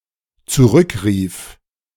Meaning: first/third-person singular dependent preterite of zurückrufen
- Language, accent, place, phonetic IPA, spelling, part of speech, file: German, Germany, Berlin, [t͡suˈʁʏkˌʁiːf], zurückrief, verb, De-zurückrief.ogg